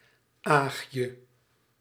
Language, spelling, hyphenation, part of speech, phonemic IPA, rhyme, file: Dutch, aagje, aag‧je, noun, /ˈaːxjə/, -aːxjə, Nl-aagje.ogg
- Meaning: a very curious person, "Paulina Pry"